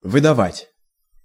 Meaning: 1. to give out, to pay out, to hand, to issue, to distribute 2. to produce 3. to deliver up, to give up, to extradite 4. to betray, to give away 5. to pass off as, to pose as
- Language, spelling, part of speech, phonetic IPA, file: Russian, выдавать, verb, [vɨdɐˈvatʲ], Ru-выдавать.ogg